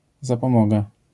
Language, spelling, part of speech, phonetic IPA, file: Polish, zapomoga, noun, [ˌzapɔ̃ˈmɔɡa], LL-Q809 (pol)-zapomoga.wav